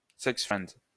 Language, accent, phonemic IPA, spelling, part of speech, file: French, France, /sɛks.fʁɛnd/, sex-friend, noun, LL-Q150 (fra)-sex-friend.wav
- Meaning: alternative form of sex friend